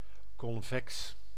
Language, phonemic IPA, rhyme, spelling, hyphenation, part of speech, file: Dutch, /kɔnˈvɛks/, -ɛks, convex, con‧vex, adjective, Nl-convex.ogg
- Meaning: convex